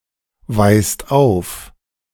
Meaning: inflection of aufweisen: 1. second/third-person singular present 2. second-person plural present 3. plural imperative
- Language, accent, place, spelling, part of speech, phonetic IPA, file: German, Germany, Berlin, weist auf, verb, [ˌvaɪ̯st ˈaʊ̯f], De-weist auf.ogg